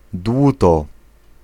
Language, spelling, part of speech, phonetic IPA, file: Polish, dłuto, noun, [ˈdwutɔ], Pl-dłuto.ogg